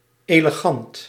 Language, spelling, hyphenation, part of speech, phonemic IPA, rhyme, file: Dutch, elegant, ele‧gant, adjective, /ˌeːləˈɣɑnt/, -ɑnt, Nl-elegant.ogg
- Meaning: elegant